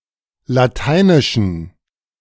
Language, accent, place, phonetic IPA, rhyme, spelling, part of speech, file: German, Germany, Berlin, [laˈtaɪ̯nɪʃn̩], -aɪ̯nɪʃn̩, Lateinischen, noun, De-Lateinischen.ogg
- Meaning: inflection of Lateinisch: 1. strong genitive masculine/neuter singular 2. weak/mixed genitive/dative all-gender singular 3. strong/weak/mixed accusative masculine singular 4. strong dative plural